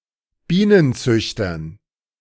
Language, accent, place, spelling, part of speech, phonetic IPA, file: German, Germany, Berlin, Bienenzüchtern, noun, [ˈbiːnənˌt͡sʏçtɐn], De-Bienenzüchtern.ogg
- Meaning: dative plural of Bienenzüchter